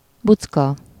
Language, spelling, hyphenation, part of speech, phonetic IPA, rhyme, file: Hungarian, bucka, buc‧ka, noun, [ˈbut͡skɒ], -kɒ, Hu-bucka.ogg
- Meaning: sandhill, dune